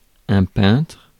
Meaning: painter (artist)
- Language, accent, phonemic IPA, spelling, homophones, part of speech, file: French, France, /pɛ̃tʁ/, peintre, peintres, noun, Fr-peintre.ogg